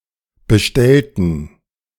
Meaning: inflection of bestellen: 1. first/third-person plural preterite 2. first/third-person plural subjunctive II
- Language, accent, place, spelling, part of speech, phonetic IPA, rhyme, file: German, Germany, Berlin, bestellten, adjective / verb, [bəˈʃtɛltn̩], -ɛltn̩, De-bestellten.ogg